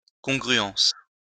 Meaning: congruence
- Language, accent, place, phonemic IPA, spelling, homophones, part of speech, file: French, France, Lyon, /kɔ̃.ɡʁy.ɑ̃s/, congruence, congruences, noun, LL-Q150 (fra)-congruence.wav